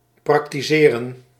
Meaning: 1. to carry out, to perform, to bring into practice 2. to operate as a matter of profession 3. to observe (a tradition or religion), to practise
- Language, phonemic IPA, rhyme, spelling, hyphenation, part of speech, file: Dutch, /ˌprɑk.tiˈzeː.rən/, -eːrən, praktiseren, prak‧ti‧se‧ren, verb, Nl-praktiseren.ogg